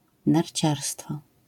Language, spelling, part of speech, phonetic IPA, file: Polish, narciarstwo, noun, [narʲˈt͡ɕarstfɔ], LL-Q809 (pol)-narciarstwo.wav